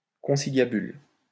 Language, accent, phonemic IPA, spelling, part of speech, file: French, France, /kɔ̃.si.lja.byl/, conciliabule, noun, LL-Q150 (fra)-conciliabule.wav
- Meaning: consultation, meeting; confab